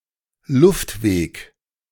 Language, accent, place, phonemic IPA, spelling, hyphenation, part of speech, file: German, Germany, Berlin, /ˈlʊftˌveːk/, Luftweg, Luft‧weg, noun, De-Luftweg.ogg
- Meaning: airway